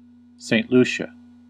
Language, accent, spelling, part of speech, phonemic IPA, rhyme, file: English, US, Saint Lucia, proper noun, /seɪnt ˈlu.ʃə/, -uːʃə, En-us-Saint Lucia.ogg
- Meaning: An island and country in the Caribbean. Capital: Castries